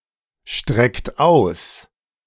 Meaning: inflection of ausstrecken: 1. second-person plural present 2. third-person singular present 3. plural imperative
- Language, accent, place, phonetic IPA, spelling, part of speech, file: German, Germany, Berlin, [ˌʃtʁɛkt ˈaʊ̯s], streckt aus, verb, De-streckt aus.ogg